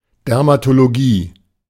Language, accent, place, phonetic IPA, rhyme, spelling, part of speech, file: German, Germany, Berlin, [ˌdɛʁmatoloˈɡiː], -iː, Dermatologie, noun, De-Dermatologie.ogg
- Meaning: dermatology